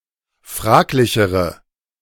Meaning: inflection of fraglich: 1. strong/mixed nominative/accusative feminine singular comparative degree 2. strong nominative/accusative plural comparative degree
- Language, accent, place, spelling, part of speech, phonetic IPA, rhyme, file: German, Germany, Berlin, fraglichere, adjective, [ˈfʁaːklɪçəʁə], -aːklɪçəʁə, De-fraglichere.ogg